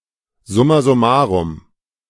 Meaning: in total
- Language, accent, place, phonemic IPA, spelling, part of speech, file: German, Germany, Berlin, /ˈzʊma zʊˈmaːʁʊm/, summa summarum, adverb, De-summa summarum.ogg